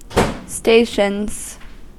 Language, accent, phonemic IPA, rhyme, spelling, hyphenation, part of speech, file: English, US, /ˈsteɪ.ʃənz/, -eɪʃənz, stations, sta‧tions, noun / verb, En-us-stations.ogg
- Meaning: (noun) 1. plural of station 2. An infrequent religious gathering of family and friends spread over a few days, where Mass and the Rosary will be said in the home